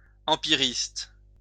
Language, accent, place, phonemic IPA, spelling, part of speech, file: French, France, Lyon, /ɑ̃.pi.ʁist/, empiriste, noun, LL-Q150 (fra)-empiriste.wav
- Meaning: empiricist